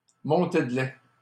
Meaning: 1. let-down (the neurohormonal release of milk in dairy cows or in breastfeeding human mothers) 2. tantrum, outburst (compare soupe au lait)
- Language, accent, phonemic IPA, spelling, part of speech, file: French, Canada, /mɔ̃.te d(ə) lɛ/, montée de lait, noun, LL-Q150 (fra)-montée de lait.wav